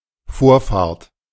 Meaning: priority, right of way
- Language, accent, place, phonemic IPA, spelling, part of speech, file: German, Germany, Berlin, /ˈfoːɐ̯faɐ̯t/, Vorfahrt, noun, De-Vorfahrt.ogg